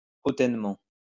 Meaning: haughtily, superciliously
- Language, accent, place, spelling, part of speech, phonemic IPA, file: French, France, Lyon, hautainement, adverb, /o.tɛn.mɑ̃/, LL-Q150 (fra)-hautainement.wav